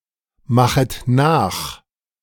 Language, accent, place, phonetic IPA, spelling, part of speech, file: German, Germany, Berlin, [ˌmaxət ˈnaːx], machet nach, verb, De-machet nach.ogg
- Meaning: second-person plural subjunctive I of nachmachen